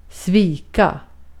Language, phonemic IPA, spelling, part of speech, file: Swedish, /²sviːka/, svika, verb, Sv-svika.ogg
- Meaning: to betray, to let down, to disappoint